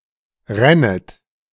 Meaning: second-person plural subjunctive I of rinnen
- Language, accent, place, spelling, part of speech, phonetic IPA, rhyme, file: German, Germany, Berlin, rännet, verb, [ˈʁɛnət], -ɛnət, De-rännet.ogg